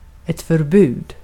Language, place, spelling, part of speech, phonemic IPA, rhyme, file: Swedish, Gotland, förbud, noun, /fœrˈbʉːd/, -ʉːd, Sv-förbud.ogg
- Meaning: a prohibition (a rule that forbids)